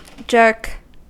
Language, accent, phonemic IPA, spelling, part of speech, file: English, US, /ˈd͡ʒɝk/, jerk, noun / verb, En-us-jerk.ogg
- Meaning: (noun) 1. A sudden, often uncontrolled movement, especially of the human body 2. A quick pull on something